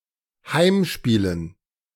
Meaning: dative plural of Heimspiel
- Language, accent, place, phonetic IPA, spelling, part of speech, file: German, Germany, Berlin, [ˈhaɪ̯mˌʃpiːlən], Heimspielen, noun, De-Heimspielen.ogg